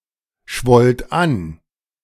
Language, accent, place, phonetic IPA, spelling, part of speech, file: German, Germany, Berlin, [ˌʃvɔlt ˈan], schwollt an, verb, De-schwollt an.ogg
- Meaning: second-person plural preterite of anschwellen